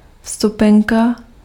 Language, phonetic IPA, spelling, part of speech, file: Czech, [ˈfstupɛŋka], vstupenka, noun, Cs-vstupenka.ogg
- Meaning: ticket (pass entitling the holder to admission to a show, concert, etc.)